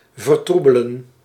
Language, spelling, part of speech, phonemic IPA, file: Dutch, vertroebelen, verb, /vərˈtrubələ(n)/, Nl-vertroebelen.ogg
- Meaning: to become/make muddy, blurry, unclear